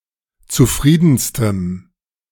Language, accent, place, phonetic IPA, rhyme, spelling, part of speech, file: German, Germany, Berlin, [t͡suˈfʁiːdn̩stəm], -iːdn̩stəm, zufriedenstem, adjective, De-zufriedenstem.ogg
- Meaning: strong dative masculine/neuter singular superlative degree of zufrieden